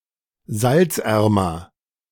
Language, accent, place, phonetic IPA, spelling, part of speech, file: German, Germany, Berlin, [ˈzalt͡sˌʔɛʁmɐ], salzärmer, adjective, De-salzärmer.ogg
- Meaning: comparative degree of salzarm